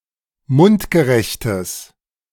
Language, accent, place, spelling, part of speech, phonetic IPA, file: German, Germany, Berlin, mundgerechtes, adjective, [ˈmʊntɡəˌʁɛçtəs], De-mundgerechtes.ogg
- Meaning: strong/mixed nominative/accusative neuter singular of mundgerecht